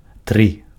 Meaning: three (3)
- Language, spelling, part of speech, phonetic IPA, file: Belarusian, тры, numeral, [trɨ], Be-тры.ogg